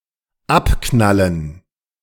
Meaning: to shoot down, to bump off, to pick off
- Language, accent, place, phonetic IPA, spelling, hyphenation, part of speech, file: German, Germany, Berlin, [ˈapˌknalən], abknallen, ab‧knal‧len, verb, De-abknallen.ogg